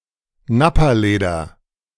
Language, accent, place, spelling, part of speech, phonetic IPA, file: German, Germany, Berlin, Nappaleder, noun, [ˈnapaˌleːdɐ], De-Nappaleder.ogg
- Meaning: Nappa leather, Napa leather